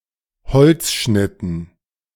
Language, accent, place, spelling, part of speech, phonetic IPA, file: German, Germany, Berlin, Holzschnitten, noun, [ˈhɔlt͡sˌʃnɪtn̩], De-Holzschnitten.ogg
- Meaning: dative plural of Holzschnitt